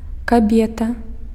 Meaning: (usually married) woman
- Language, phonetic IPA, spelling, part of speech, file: Belarusian, [kaˈbʲeta], кабета, noun, Be-кабета.ogg